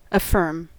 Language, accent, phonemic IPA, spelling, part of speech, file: English, US, /əˈfɝm/, affirm, verb / interjection, En-us-affirm.ogg
- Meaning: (verb) 1. To agree, verify or concur; to answer positively 2. To assert positively; to tell with confidence; to aver; to maintain as true 3. To support or encourage